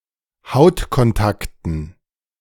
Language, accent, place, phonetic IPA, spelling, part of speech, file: German, Germany, Berlin, [ˈhaʊ̯tkɔnˌtaktn̩], Hautkontakten, noun, De-Hautkontakten.ogg
- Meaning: dative plural of Hautkontakt